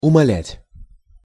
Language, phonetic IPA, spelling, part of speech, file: Russian, [ʊmɐˈlʲætʲ], умалять, verb, Ru-умалять.ogg
- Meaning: 1. to reduce, to lessen, to diminish 2. to reduce the role, the value or significance of 3. to belittle, to humiliate